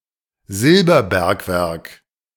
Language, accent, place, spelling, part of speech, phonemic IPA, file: German, Germany, Berlin, Silberbergwerk, noun, /ˈzɪlbɐˌbɛɐ̯kvɛɐ̯k/, De-Silberbergwerk.ogg
- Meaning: silver mine